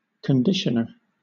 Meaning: 1. Anything that improves the condition of something 2. Hair conditioner 3. Fabric conditioner; fabric softener 4. Someone who trains athletes or racehorses
- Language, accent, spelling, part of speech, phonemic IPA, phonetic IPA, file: English, Southern England, conditioner, noun, /kənˈdɪʃənə/, [kənˈdɪʃnə], LL-Q1860 (eng)-conditioner.wav